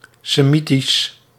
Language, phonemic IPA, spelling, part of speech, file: Dutch, /seˈmitis/, Semitisch, adjective / noun, Nl-Semitisch.ogg
- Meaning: Semitic